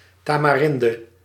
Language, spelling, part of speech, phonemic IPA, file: Dutch, tamarinde, noun, /tamaˈrɪndə/, Nl-tamarinde.ogg
- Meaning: 1. tamarind (tropical tree, Tamarindus indica) 2. several plant species in the family Fabaceae: Dimorphandra polyandra 3. several plant species in the family Fabaceae: Paloue princeps